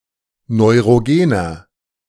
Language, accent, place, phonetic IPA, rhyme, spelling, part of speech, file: German, Germany, Berlin, [nɔɪ̯ʁoˈɡeːnɐ], -eːnɐ, neurogener, adjective, De-neurogener.ogg
- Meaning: inflection of neurogen: 1. strong/mixed nominative masculine singular 2. strong genitive/dative feminine singular 3. strong genitive plural